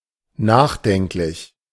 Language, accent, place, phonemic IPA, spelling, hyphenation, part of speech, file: German, Germany, Berlin, /ˈnaːxˌdɛŋklɪç/, nachdenklich, nach‧denk‧lich, adjective, De-nachdenklich.ogg
- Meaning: thoughtful, pensive